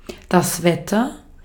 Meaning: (noun) 1. weather 2. storm, rainstorm; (proper noun) 1. a town in Hesse, Germany 2. a town in Ruhr district, Germany
- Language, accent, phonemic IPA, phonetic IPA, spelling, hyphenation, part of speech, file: German, Austria, /ˈvɛtər/, [ˈvɛ.tʰɐ], Wetter, Wet‧ter, noun / proper noun, De-at-Wetter.ogg